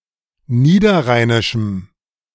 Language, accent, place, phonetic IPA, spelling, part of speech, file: German, Germany, Berlin, [ˈniːdɐˌʁaɪ̯nɪʃm̩], niederrheinischem, adjective, De-niederrheinischem.ogg
- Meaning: strong dative masculine/neuter singular of niederrheinisch